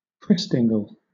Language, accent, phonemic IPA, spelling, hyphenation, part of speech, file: English, Southern England, /ˈkɹɪstɪŋɡ(ə)l/, Christingle, Christ‧in‧gle, noun, LL-Q1860 (eng)-Christingle.wav